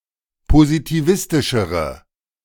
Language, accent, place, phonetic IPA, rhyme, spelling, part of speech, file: German, Germany, Berlin, [pozitiˈvɪstɪʃəʁə], -ɪstɪʃəʁə, positivistischere, adjective, De-positivistischere.ogg
- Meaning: inflection of positivistisch: 1. strong/mixed nominative/accusative feminine singular comparative degree 2. strong nominative/accusative plural comparative degree